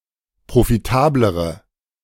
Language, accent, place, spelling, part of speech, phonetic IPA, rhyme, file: German, Germany, Berlin, profitablere, adjective, [pʁofiˈtaːbləʁə], -aːbləʁə, De-profitablere.ogg
- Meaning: inflection of profitabel: 1. strong/mixed nominative/accusative feminine singular comparative degree 2. strong nominative/accusative plural comparative degree